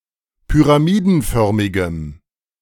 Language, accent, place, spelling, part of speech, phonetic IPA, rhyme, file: German, Germany, Berlin, pyramidenförmigem, adjective, [pyʁaˈmiːdn̩ˌfœʁmɪɡəm], -iːdn̩fœʁmɪɡəm, De-pyramidenförmigem.ogg
- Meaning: strong dative masculine/neuter singular of pyramidenförmig